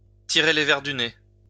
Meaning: to worm something out of
- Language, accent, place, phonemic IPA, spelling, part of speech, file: French, France, Lyon, /ti.ʁe le vɛʁ dy ne/, tirer les vers du nez, verb, LL-Q150 (fra)-tirer les vers du nez.wav